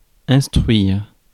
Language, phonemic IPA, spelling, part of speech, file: French, /ɛ̃s.tʁɥiʁ/, instruire, verb, Fr-instruire.ogg
- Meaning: 1. to instruct, to teach 2. (of a judge or other magistrate) to hear, to try (a case)